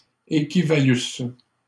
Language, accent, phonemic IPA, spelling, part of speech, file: French, Canada, /e.ki.va.lys/, équivalussent, verb, LL-Q150 (fra)-équivalussent.wav
- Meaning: third-person plural imperfect subjunctive of équivaloir